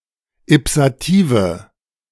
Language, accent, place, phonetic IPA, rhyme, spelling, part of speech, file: German, Germany, Berlin, [ɪpsaˈtiːvə], -iːvə, ipsative, adjective, De-ipsative.ogg
- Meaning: inflection of ipsativ: 1. strong/mixed nominative/accusative feminine singular 2. strong nominative/accusative plural 3. weak nominative all-gender singular 4. weak accusative feminine/neuter singular